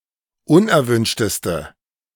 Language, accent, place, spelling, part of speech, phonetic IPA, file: German, Germany, Berlin, unerwünschteste, adjective, [ˈʊnʔɛɐ̯ˌvʏnʃtəstə], De-unerwünschteste.ogg
- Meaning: inflection of unerwünscht: 1. strong/mixed nominative/accusative feminine singular superlative degree 2. strong nominative/accusative plural superlative degree